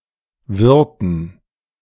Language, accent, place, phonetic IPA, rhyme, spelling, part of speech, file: German, Germany, Berlin, [ˈvɪʁtn̩], -ɪʁtn̩, Wirten, noun, De-Wirten.ogg
- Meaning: dative plural of Wirt